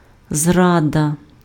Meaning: treason, betrayal
- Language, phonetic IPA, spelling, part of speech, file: Ukrainian, [ˈzradɐ], зрада, noun, Uk-зрада.ogg